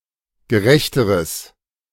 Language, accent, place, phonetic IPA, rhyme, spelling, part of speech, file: German, Germany, Berlin, [ɡəˈʁɛçtəʁəs], -ɛçtəʁəs, gerechteres, adjective, De-gerechteres.ogg
- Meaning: strong/mixed nominative/accusative neuter singular comparative degree of gerecht